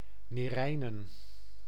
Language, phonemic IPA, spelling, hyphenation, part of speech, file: Dutch, /neːˈrɛi̯.nə(n)/, Neerijnen, Nee‧rij‧nen, proper noun, Nl-Neerijnen.ogg
- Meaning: a village and former municipality of West Betuwe, Gelderland, Netherlands